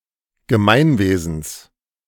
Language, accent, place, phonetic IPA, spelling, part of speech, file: German, Germany, Berlin, [ɡəˈmaɪ̯nˌveːzn̩s], Gemeinwesens, noun, De-Gemeinwesens.ogg
- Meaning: genitive of Gemeinwesen